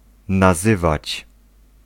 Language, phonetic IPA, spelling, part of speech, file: Polish, [naˈzɨvat͡ɕ], nazywać, verb, Pl-nazywać.ogg